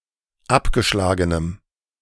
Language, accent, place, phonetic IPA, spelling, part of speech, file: German, Germany, Berlin, [ˈapɡəˌʃlaːɡənəm], abgeschlagenem, adjective, De-abgeschlagenem.ogg
- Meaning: strong dative masculine/neuter singular of abgeschlagen